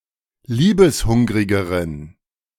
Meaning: inflection of liebeshungrig: 1. strong genitive masculine/neuter singular comparative degree 2. weak/mixed genitive/dative all-gender singular comparative degree
- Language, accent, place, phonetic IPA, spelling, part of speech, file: German, Germany, Berlin, [ˈliːbəsˌhʊŋʁɪɡəʁən], liebeshungrigeren, adjective, De-liebeshungrigeren.ogg